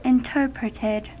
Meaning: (verb) simple past and past participle of interpret; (adjective) Executed directly, rather than via a compiled binary representation
- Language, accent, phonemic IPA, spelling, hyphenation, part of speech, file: English, US, /ɪnˈtɝ.pɹɪ.tɪd/, interpreted, in‧ter‧pret‧ed, verb / adjective, En-us-interpreted.ogg